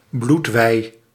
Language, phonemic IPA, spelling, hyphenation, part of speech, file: Dutch, /ˈblut.ʋɛi̯/, bloedwei, bloed‧wei, noun, Nl-bloedwei.ogg
- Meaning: blood serum